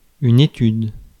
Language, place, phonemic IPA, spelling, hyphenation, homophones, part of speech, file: French, Paris, /e.tyd/, étude, é‧tude, études, noun, Fr-étude.ogg
- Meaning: 1. study (act of studying or examining) 2. study (artwork made in order to practise or demonstrate a subject) 3. etude (short piece of music for special practice)